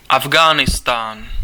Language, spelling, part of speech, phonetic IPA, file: Czech, Afgánistán, proper noun, [ˈavɡaːnɪstaːn], Cs-Afgánistán.ogg
- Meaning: alternative form of Afghánistán: Afghanistan (a landlocked country between Central Asia and South Asia)